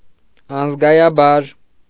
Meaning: numbly, unemotionally, unfeelingly, mechanically
- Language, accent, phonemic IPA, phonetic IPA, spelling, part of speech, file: Armenian, Eastern Armenian, /ɑnəzɡɑjɑˈbɑɾ/, [ɑnəzɡɑjɑbɑ́ɾ], անզգայաբար, adverb, Hy-անզգայաբար.ogg